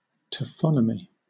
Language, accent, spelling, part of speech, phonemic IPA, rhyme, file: English, Southern England, taphonomy, noun, /tæˈfɒnəmi/, -ɒnəmi, LL-Q1860 (eng)-taphonomy.wav
- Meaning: The study of the fate of the remains of organisms after they die, especially the study of fossilization